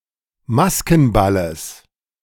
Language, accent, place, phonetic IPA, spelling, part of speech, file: German, Germany, Berlin, [ˈmaskn̩ˌbaləs], Maskenballes, noun, De-Maskenballes.ogg
- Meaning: genitive singular of Maskenball